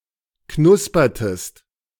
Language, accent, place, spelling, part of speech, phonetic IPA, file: German, Germany, Berlin, knuspertest, verb, [ˈknʊspɐtəst], De-knuspertest.ogg
- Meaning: inflection of knuspern: 1. second-person singular preterite 2. second-person singular subjunctive II